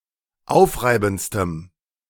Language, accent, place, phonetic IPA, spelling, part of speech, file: German, Germany, Berlin, [ˈaʊ̯fˌʁaɪ̯bn̩t͡stəm], aufreibendstem, adjective, De-aufreibendstem.ogg
- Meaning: strong dative masculine/neuter singular superlative degree of aufreibend